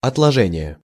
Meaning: deposit; sediment, sedimentation, precipitation, deposition
- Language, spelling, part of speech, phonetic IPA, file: Russian, отложение, noun, [ɐtɫɐˈʐɛnʲɪje], Ru-отложение.ogg